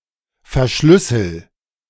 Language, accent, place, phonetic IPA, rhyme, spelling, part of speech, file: German, Germany, Berlin, [fɛɐ̯ˈʃlʏsl̩], -ʏsl̩, verschlüssel, verb, De-verschlüssel.ogg
- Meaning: inflection of verschlüsseln: 1. first-person singular present 2. singular imperative